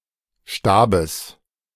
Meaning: genitive singular of Stab
- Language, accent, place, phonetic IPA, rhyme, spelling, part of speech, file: German, Germany, Berlin, [ˈʃtaːbəs], -aːbəs, Stabes, noun, De-Stabes.ogg